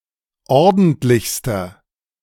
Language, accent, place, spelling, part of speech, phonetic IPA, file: German, Germany, Berlin, ordentlichster, adjective, [ˈɔʁdn̩tlɪçstɐ], De-ordentlichster.ogg
- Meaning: inflection of ordentlich: 1. strong/mixed nominative masculine singular superlative degree 2. strong genitive/dative feminine singular superlative degree 3. strong genitive plural superlative degree